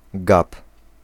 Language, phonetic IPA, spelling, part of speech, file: Polish, [ɡap], gap, noun / verb, Pl-gap.ogg